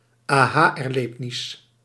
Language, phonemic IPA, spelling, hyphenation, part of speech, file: Dutch, /aːˈɦaː.ɛrˌleːb.nɪs/, aha-erlebnis, aha-er‧leb‧nis, noun, Nl-aha-erlebnis.ogg
- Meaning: a eureka experience (experience of suddenly gaining insight)